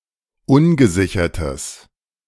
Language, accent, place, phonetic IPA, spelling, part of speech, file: German, Germany, Berlin, [ˈʊnɡəˌzɪçɐtəs], ungesichertes, adjective, De-ungesichertes.ogg
- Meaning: strong/mixed nominative/accusative neuter singular of ungesichert